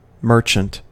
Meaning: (noun) 1. A person who traffics in commodities for profit 2. The owner or operator of a retail business 3. A trading vessel; a merchantman
- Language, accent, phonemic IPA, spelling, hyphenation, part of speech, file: English, US, /ˈmɝt͡ʃənt/, merchant, mer‧chant, noun / verb, En-us-merchant.ogg